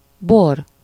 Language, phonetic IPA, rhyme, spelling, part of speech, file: Hungarian, [ˈbor], -or, bor, noun, Hu-bor.ogg
- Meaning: wine (an alcoholic beverage made by fermenting the juice of grapes)